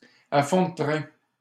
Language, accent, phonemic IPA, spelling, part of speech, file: French, Canada, /a fɔ̃ də tʁɛ̃/, à fond de train, adverb, LL-Q150 (fra)-à fond de train.wav
- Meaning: at full speed, at full throttle, hell-for-leather